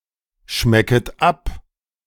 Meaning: second-person plural subjunctive I of abschmecken
- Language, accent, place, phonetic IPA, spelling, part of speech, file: German, Germany, Berlin, [ˌʃmɛkət ˈap], schmecket ab, verb, De-schmecket ab.ogg